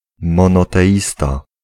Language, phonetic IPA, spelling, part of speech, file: Polish, [ˌmɔ̃nɔtɛˈʲista], monoteista, noun, Pl-monoteista.ogg